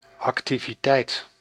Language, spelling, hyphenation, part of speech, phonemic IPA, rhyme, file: Dutch, activiteit, ac‧ti‧vi‧teit, noun, /ˌɑk.ti.viˈtɛi̯t/, -ɛi̯t, Nl-activiteit.ogg
- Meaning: 1. activity (state of being active) 2. activity (something with which one is occupied) 3. activity (movement)